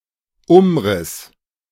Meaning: 1. outline (line marking the boundary of an object figure) 2. outline (broad description)
- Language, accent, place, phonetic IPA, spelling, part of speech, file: German, Germany, Berlin, [ˈʊmˌʁɪs], Umriss, noun, De-Umriss.ogg